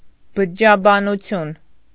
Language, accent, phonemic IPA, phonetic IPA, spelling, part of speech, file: Armenian, Eastern Armenian, /bəd͡ʒəd͡ʒɑbɑnuˈtʰjun/, [bəd͡ʒəd͡ʒɑbɑnut͡sʰjún], բջջաբանություն, noun, Hy-բջջաբանություն.ogg
- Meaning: cytology